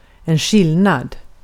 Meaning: difference
- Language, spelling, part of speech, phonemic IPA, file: Swedish, skillnad, noun, /ˈɧɪlˌnad/, Sv-skillnad.ogg